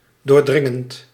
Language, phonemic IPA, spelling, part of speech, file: Dutch, /dorˈdrɪŋənt/, doordringend, verb / adjective, Nl-doordringend.ogg
- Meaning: present participle of doordringen